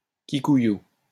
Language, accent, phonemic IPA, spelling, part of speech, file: French, France, /ki.ku.ju/, kikuyu, adjective / noun, LL-Q150 (fra)-kikuyu.wav
- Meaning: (adjective) Kikuyu; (noun) Kikuyu grass